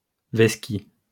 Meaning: to dodge, to duck, to evade
- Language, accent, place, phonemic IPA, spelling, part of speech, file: French, France, Lyon, /vɛs.ki/, vesqui, verb, LL-Q150 (fra)-vesqui.wav